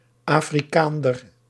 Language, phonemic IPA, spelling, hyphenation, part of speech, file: Dutch, /ˌaː.friˈkaːn.dər/, Afrikaander, Afri‧kaan‧der, noun, Nl-Afrikaander.ogg
- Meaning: alternative form of Afrikaner